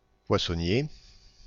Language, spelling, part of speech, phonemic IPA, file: French, poissonnier, noun, /pwa.sɔ.nje/, FR-poissonnier.ogg
- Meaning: fishmonger (someone who sells fish)